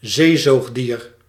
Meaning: marine mammal
- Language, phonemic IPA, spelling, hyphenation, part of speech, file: Dutch, /ˈzeːˌzoːx.diːr/, zeezoogdier, zee‧zoog‧dier, noun, Nl-zeezoogdier.ogg